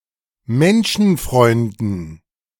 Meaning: dative plural of Menschenfreund
- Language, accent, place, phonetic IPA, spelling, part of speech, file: German, Germany, Berlin, [ˈmɛnʃn̩ˌfʁɔɪ̯ndn̩], Menschenfreunden, noun, De-Menschenfreunden.ogg